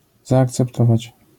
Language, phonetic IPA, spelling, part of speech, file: Polish, [ˌzaːkt͡sɛpˈtɔvat͡ɕ], zaakceptować, verb, LL-Q809 (pol)-zaakceptować.wav